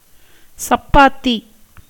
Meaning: chapatti, a North Indian bread
- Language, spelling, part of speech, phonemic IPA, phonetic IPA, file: Tamil, சப்பாத்தி, noun, /tʃɐpːɑːt̪ːiː/, [sɐpːäːt̪ːiː], Ta-சப்பாத்தி.ogg